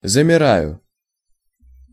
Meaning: first-person singular present indicative imperfective of замира́ть (zamirátʹ)
- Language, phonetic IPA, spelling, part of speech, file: Russian, [zəmʲɪˈrajʊ], замираю, verb, Ru-замираю.ogg